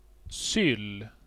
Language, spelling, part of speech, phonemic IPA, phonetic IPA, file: Swedish, syll, noun, /sʏl/, [sʏlː], Sv-syll.ogg
- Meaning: a railroad tie, railway sleeper